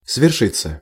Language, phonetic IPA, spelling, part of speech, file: Russian, [svʲɪrˈʂɨt͡sːə], свершиться, verb, Ru-свершиться.ogg
- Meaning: 1. to happen, to occur 2. to come true 3. passive of сверши́ть (sveršítʹ)